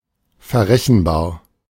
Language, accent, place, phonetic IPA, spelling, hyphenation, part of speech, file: German, Germany, Berlin, [feʁʁeçenbaːʁ], verrechenbar, ver‧rech‧en‧bar, adjective, De-verrechenbar.ogg
- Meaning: 1. attributable 2. billable 3. offsetable